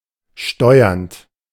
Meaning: present participle of steuern
- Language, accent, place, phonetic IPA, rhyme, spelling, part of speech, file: German, Germany, Berlin, [ˈʃtɔɪ̯ɐnt], -ɔɪ̯ɐnt, steuernd, verb, De-steuernd.ogg